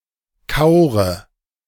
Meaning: inflection of kauern: 1. first-person singular present 2. first/third-person singular subjunctive I 3. singular imperative
- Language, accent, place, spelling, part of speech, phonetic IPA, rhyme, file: German, Germany, Berlin, kaure, verb, [ˈkaʊ̯ʁə], -aʊ̯ʁə, De-kaure.ogg